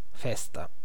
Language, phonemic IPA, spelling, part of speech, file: Italian, /ˈˈfɛsta/, festa, noun, It-festa.ogg